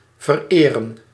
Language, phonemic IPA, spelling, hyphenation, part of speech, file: Dutch, /vərˈeː.rə(n)/, vereren, ver‧eren, verb, Nl-vereren.ogg
- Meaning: 1. to worship, venerate 2. to idolize 3. to honour, grace, e.g. with a visit